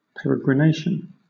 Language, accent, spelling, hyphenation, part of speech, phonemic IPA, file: English, Southern England, peregrination, pe‧re‧gri‧nat‧ion, noun, /ˌpɛɹɪɡɹɪˈneɪʃn̩/, LL-Q1860 (eng)-peregrination.wav
- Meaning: 1. A person's life regarded as a temporary stay on earth and a journey to the afterlife 2. A journey made by a pilgrim; a pilgrimage; also (uncountable) the making of pilgrimages